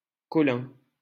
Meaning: a common surname originating as a patronymic
- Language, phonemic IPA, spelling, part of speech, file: French, /kɔ.lɛ̃/, Collin, proper noun, LL-Q150 (fra)-Collin.wav